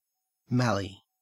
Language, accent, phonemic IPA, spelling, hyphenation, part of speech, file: English, Australia, /ˈmæli/, mallee, mal‧lee, noun, En-au-mallee.ogg
- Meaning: 1. A type of scrubland with low-growing thick eucalypts, characteristic of certain parts of Australia 2. Any semi-desert region of Australia where such scrub is the predominant vegetation